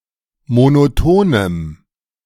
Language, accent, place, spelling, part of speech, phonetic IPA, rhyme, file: German, Germany, Berlin, monotonem, adjective, [monoˈtoːnəm], -oːnəm, De-monotonem.ogg
- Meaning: strong dative masculine/neuter singular of monoton